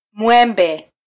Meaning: mango tree (Mangifera indica)
- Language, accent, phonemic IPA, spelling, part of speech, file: Swahili, Kenya, /ˈmʷɛ.ᵐbɛ/, mwembe, noun, Sw-ke-mwembe.flac